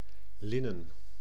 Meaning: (noun) 1. linen, a cloth made from flax 2. something made of linen; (adjective) made of linen
- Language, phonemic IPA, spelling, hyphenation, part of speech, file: Dutch, /ˈlɪ.nə(n)/, linnen, lin‧nen, noun / adjective, Nl-linnen.ogg